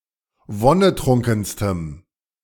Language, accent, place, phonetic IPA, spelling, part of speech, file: German, Germany, Berlin, [ˈvɔnəˌtʁʊŋkn̩stəm], wonnetrunkenstem, adjective, De-wonnetrunkenstem.ogg
- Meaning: strong dative masculine/neuter singular superlative degree of wonnetrunken